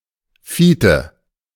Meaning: a male given name
- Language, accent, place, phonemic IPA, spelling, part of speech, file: German, Germany, Berlin, /ˈfiːtə/, Fiete, proper noun, De-Fiete.ogg